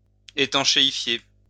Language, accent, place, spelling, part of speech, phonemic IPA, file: French, France, Lyon, étanchéifier, verb, /e.tɑ̃.ʃe.i.fje/, LL-Q150 (fra)-étanchéifier.wav
- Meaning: to waterproof